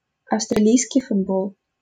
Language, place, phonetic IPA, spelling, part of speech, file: Russian, Saint Petersburg, [ɐfstrɐˈlʲijskʲɪj fʊdˈboɫ], австралийский футбол, noun, LL-Q7737 (rus)-австралийский футбол.wav
- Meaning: Australian rules football, Aussie rules (variety of Australian football)